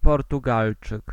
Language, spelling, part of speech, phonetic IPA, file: Polish, Portugalczyk, noun, [ˌpɔrtuˈɡalt͡ʃɨk], Pl-Portugalczyk.ogg